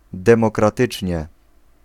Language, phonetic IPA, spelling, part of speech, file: Polish, [ˌdɛ̃mɔkraˈtɨt͡ʃʲɲɛ], demokratycznie, adverb, Pl-demokratycznie.ogg